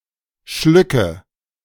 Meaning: nominative/accusative/genitive plural of Schluck
- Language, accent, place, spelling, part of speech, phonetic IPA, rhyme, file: German, Germany, Berlin, Schlücke, noun, [ˈʃlʏkə], -ʏkə, De-Schlücke.ogg